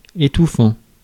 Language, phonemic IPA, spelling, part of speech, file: French, /e.tu.fɑ̃/, étouffant, verb / adjective, Fr-étouffant.ogg
- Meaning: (verb) present participle of étouffer; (adjective) oppressive, sultry, stifling, stuffy